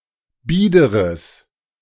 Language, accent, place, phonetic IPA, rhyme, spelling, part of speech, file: German, Germany, Berlin, [ˈbiːdəʁəs], -iːdəʁəs, biederes, adjective, De-biederes.ogg
- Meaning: strong/mixed nominative/accusative neuter singular of bieder